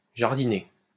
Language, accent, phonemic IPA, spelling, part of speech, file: French, France, /ʒaʁ.di.ne/, jardiner, verb, LL-Q150 (fra)-jardiner.wav
- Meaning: to garden; to do some gardening